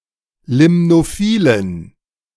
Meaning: inflection of limnophil: 1. strong genitive masculine/neuter singular 2. weak/mixed genitive/dative all-gender singular 3. strong/weak/mixed accusative masculine singular 4. strong dative plural
- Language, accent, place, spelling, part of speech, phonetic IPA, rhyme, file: German, Germany, Berlin, limnophilen, adjective, [ˌlɪmnoˈfiːlən], -iːlən, De-limnophilen.ogg